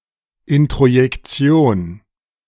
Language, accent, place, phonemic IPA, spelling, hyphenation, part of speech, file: German, Germany, Berlin, /ˌɪntʁojɛkˈtsi̯oːn/, Introjektion, In‧tro‧jek‧ti‧on, noun, De-Introjektion.ogg
- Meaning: introjection